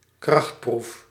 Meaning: 1. an individual trial as test of strength 2. a showdown, competitive test of strength between two or more parties
- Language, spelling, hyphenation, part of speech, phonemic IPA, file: Dutch, krachtproef, kracht‧proef, noun, /ˈkrɑxt.pruf/, Nl-krachtproef.ogg